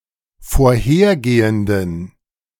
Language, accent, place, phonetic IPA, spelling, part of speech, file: German, Germany, Berlin, [foːɐ̯ˈheːɐ̯ˌɡeːəndn̩], vorhergehenden, adjective, De-vorhergehenden.ogg
- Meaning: inflection of vorhergehend: 1. strong genitive masculine/neuter singular 2. weak/mixed genitive/dative all-gender singular 3. strong/weak/mixed accusative masculine singular 4. strong dative plural